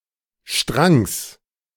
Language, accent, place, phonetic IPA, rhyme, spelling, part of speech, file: German, Germany, Berlin, [ʃtʁaŋs], -aŋs, Strangs, noun, De-Strangs.ogg
- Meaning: genitive singular of Strang